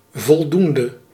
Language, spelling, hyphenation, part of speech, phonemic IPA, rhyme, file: Dutch, voldoende, vol‧doen‧de, determiner / noun / verb, /vɔlˈdun.də/, -undə, Nl-voldoende.ogg
- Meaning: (determiner) sufficient; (noun) passing grade; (verb) inflection of voldoend: 1. masculine/feminine singular attributive 2. definite neuter singular attributive 3. plural attributive